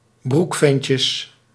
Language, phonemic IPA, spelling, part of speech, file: Dutch, /ˈbrukfɛncəs/, broekventjes, noun, Nl-broekventjes.ogg
- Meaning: plural of broekventje